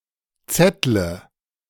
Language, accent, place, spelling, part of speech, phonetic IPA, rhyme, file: German, Germany, Berlin, zettle, verb, [ˈt͡sɛtlə], -ɛtlə, De-zettle.ogg
- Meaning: inflection of zetteln: 1. first-person singular present 2. first/third-person singular subjunctive I 3. singular imperative